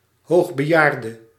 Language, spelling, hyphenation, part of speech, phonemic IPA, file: Dutch, hoogbejaarde, hoog‧be‧jaar‧de, noun, /ˌɦoːx.bəˈjaːr.də/, Nl-hoogbejaarde.ogg
- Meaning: very old person (often defined as aged 80 or older)